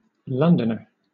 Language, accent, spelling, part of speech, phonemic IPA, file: English, Southern England, Londoner, noun, /ˈlʌn.də.nə(ɹ)/, LL-Q1860 (eng)-Londoner.wav
- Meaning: A person from, or an inhabitant of, London